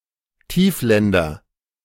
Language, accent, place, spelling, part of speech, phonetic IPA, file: German, Germany, Berlin, Tiefländer, noun, [ˈtiːfˌlɛndɐ], De-Tiefländer.ogg
- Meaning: nominative/accusative/genitive plural of Tiefland